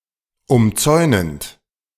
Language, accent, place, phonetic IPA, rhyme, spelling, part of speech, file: German, Germany, Berlin, [ʊmˈt͡sɔɪ̯nənt], -ɔɪ̯nənt, umzäunend, verb, De-umzäunend.ogg
- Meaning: present participle of umzäunen